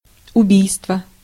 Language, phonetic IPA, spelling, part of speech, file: Russian, [ʊˈbʲijstvə], убийство, noun, Ru-убийство.ogg
- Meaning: murder, homicide (the action of killing someone)